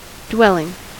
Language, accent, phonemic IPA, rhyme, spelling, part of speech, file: English, US, /ˈdwɛl.ɪŋ/, -ɛlɪŋ, dwelling, noun / verb, En-us-dwelling.ogg
- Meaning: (noun) A house or place in which a person lives; a habitation, a home; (verb) present participle and gerund of dwell